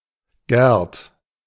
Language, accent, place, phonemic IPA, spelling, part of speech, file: German, Germany, Berlin, /ɡɛʁt/, Gerd, proper noun, De-Gerd.ogg
- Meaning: 1. a diminutive of the male given name Gerhard 2. a diminutive of the female given name Gertrud